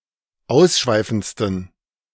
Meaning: 1. superlative degree of ausschweifend 2. inflection of ausschweifend: strong genitive masculine/neuter singular superlative degree
- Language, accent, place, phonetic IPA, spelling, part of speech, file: German, Germany, Berlin, [ˈaʊ̯sˌʃvaɪ̯fn̩t͡stən], ausschweifendsten, adjective, De-ausschweifendsten.ogg